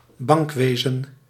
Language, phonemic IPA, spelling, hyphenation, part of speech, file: Dutch, /ˈbɑŋkˌʋeː.zə(n)/, bankwezen, bank‧we‧zen, noun, Nl-bankwezen.ogg
- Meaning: banking, banking sector